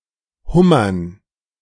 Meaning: dative plural of Hummer
- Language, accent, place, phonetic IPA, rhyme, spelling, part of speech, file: German, Germany, Berlin, [ˈhʊmɐn], -ʊmɐn, Hummern, noun, De-Hummern.ogg